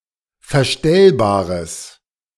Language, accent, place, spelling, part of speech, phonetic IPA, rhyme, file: German, Germany, Berlin, verstellbares, adjective, [fɛɐ̯ˈʃtɛlbaːʁəs], -ɛlbaːʁəs, De-verstellbares.ogg
- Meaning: strong/mixed nominative/accusative neuter singular of verstellbar